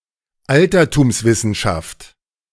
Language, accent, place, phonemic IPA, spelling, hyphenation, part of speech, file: German, Germany, Berlin, /ˈaltɐtuːmsˌvɪsn̩ʃaft/, Altertumswissenschaft, Al‧ter‧tums‧wis‧sen‧schaft, noun, De-Altertumswissenschaft.ogg
- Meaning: classical studies